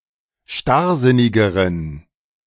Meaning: inflection of starrsinnig: 1. strong genitive masculine/neuter singular comparative degree 2. weak/mixed genitive/dative all-gender singular comparative degree
- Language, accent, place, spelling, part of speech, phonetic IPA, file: German, Germany, Berlin, starrsinnigeren, adjective, [ˈʃtaʁˌzɪnɪɡəʁən], De-starrsinnigeren.ogg